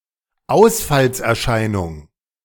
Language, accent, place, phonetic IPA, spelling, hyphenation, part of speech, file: German, Germany, Berlin, [ˈaʊ̯sfals.ɛɐ̯ˌʃaɪ̯nʊŋ], Ausfallserscheinung, Aus‧falls‧er‧schei‧nung, noun, De-Ausfallserscheinung.ogg
- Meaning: deficit, dysfunction